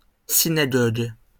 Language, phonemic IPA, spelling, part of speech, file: French, /si.na.ɡɔɡ/, synagogue, noun, LL-Q150 (fra)-synagogue.wav
- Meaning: synagogue (a place of worship for Jews)